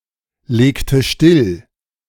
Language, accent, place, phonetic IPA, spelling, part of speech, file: German, Germany, Berlin, [ˌleːktə ˈʃtɪl], legte still, verb, De-legte still.ogg
- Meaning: inflection of stilllegen: 1. first/third-person singular preterite 2. first/third-person singular subjunctive II